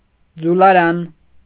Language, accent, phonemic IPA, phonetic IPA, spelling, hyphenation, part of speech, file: Armenian, Eastern Armenian, /d͡zulɑˈɾɑn/, [d͡zulɑɾɑ́n], ձուլարան, ձու‧լա‧րան, noun, Hy-ձուլարան.ogg
- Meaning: 1. foundry 2. type foundry